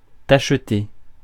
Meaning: 1. to spot 2. to dapple
- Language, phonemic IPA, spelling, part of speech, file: French, /taʃ.te/, tacheter, verb, Fr-tacheter.ogg